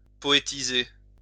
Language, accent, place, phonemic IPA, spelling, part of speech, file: French, France, Lyon, /pɔ.e.ti.ze/, poétiser, verb, LL-Q150 (fra)-poétiser.wav
- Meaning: 1. to versify 2. to poetize or poeticize